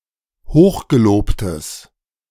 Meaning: strong/mixed nominative/accusative neuter singular of hochgelobt
- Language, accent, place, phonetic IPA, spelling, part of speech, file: German, Germany, Berlin, [ˈhoːxɡeˌloːptəs], hochgelobtes, adjective, De-hochgelobtes.ogg